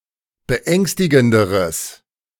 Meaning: strong/mixed nominative/accusative neuter singular comparative degree of beängstigend
- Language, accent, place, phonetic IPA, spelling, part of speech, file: German, Germany, Berlin, [bəˈʔɛŋstɪɡn̩dəʁəs], beängstigenderes, adjective, De-beängstigenderes.ogg